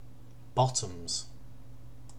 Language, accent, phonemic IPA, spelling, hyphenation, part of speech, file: English, UK, /ˈbɒ.təmz/, bottoms, bot‧toms, noun / verb, En-uk-bottoms.ogg
- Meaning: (noun) 1. plural of bottom 2. The bottom (trouser) part of clothing, as in pyjama bottoms, tracksuit bottoms, bikini bottoms; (verb) third-person singular simple present indicative of bottom